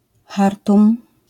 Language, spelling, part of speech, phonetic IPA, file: Polish, Chartum, proper noun, [ˈxartũm], LL-Q809 (pol)-Chartum.wav